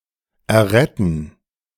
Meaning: to save, rescue
- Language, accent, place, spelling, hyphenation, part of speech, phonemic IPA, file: German, Germany, Berlin, erretten, er‧ret‧ten, verb, /ɛɐ̯ˈʁɛtn̩/, De-erretten.ogg